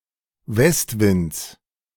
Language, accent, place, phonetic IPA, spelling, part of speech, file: German, Germany, Berlin, [ˈvɛstˌvɪnt͡s], Westwinds, noun, De-Westwinds.ogg
- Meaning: genitive singular of Westwind